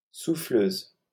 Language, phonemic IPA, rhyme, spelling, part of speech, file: French, /su.fløz/, -øz, souffleuse, noun, LL-Q150 (fra)-souffleuse.wav
- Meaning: 1. snowblower 2. female equivalent of souffleur (“prompter”)